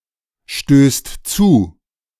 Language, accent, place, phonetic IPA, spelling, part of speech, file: German, Germany, Berlin, [ˌʃtøːst ˈt͡suː], stößt zu, verb, De-stößt zu.ogg
- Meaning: second/third-person singular present of zustoßen